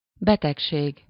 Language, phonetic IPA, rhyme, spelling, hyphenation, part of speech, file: Hungarian, [ˈbɛtɛkʃeːɡ], -eːɡ, betegség, be‧teg‧ség, noun, Hu-betegség.ogg
- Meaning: disease, illness, sickness (an abnormal condition of a human, animal or plant that causes discomfort or dysfunction)